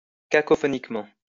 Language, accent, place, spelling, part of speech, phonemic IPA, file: French, France, Lyon, cacophoniquement, adverb, /ka.kɔ.fɔ.nik.mɑ̃/, LL-Q150 (fra)-cacophoniquement.wav
- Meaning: cacophonously